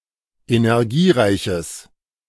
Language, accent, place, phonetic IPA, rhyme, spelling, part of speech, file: German, Germany, Berlin, [enɛʁˈɡiːˌʁaɪ̯çəs], -iːʁaɪ̯çəs, energiereiches, adjective, De-energiereiches.ogg
- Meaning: strong/mixed nominative/accusative neuter singular of energiereich